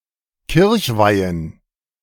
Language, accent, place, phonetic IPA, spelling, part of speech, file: German, Germany, Berlin, [ˈkɪʁçˌvaɪ̯ən], Kirchweihen, noun, De-Kirchweihen.ogg
- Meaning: plural of Kirchweih